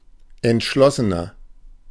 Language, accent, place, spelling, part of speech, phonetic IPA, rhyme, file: German, Germany, Berlin, entschlossener, adjective, [ɛntˈʃlɔsənɐ], -ɔsənɐ, De-entschlossener.ogg
- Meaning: 1. comparative degree of entschlossen 2. inflection of entschlossen: strong/mixed nominative masculine singular 3. inflection of entschlossen: strong genitive/dative feminine singular